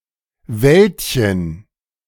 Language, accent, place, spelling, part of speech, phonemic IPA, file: German, Germany, Berlin, Wäldchen, noun, /ˈvɛltçən/, De-Wäldchen.ogg
- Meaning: diminutive of Wald